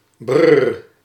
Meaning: 1. brr (exclamation of cold) 2. an exclamation of disgust or aversion
- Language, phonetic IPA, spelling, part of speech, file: Dutch, [brː], brr, interjection, Nl-brr.ogg